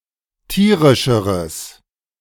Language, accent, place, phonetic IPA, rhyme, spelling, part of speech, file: German, Germany, Berlin, [ˈtiːʁɪʃəʁəs], -iːʁɪʃəʁəs, tierischeres, adjective, De-tierischeres.ogg
- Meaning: strong/mixed nominative/accusative neuter singular comparative degree of tierisch